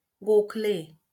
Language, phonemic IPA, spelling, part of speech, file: Marathi, /ɡokʰ.le/, गोखले, proper noun, LL-Q1571 (mar)-गोखले.wav
- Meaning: a surname, equivalent to English Gokhale